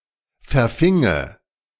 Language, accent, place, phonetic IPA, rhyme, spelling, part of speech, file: German, Germany, Berlin, [fɛɐ̯ˈfɪŋə], -ɪŋə, verfinge, verb, De-verfinge.ogg
- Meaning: first/third-person singular subjunctive II of verfangen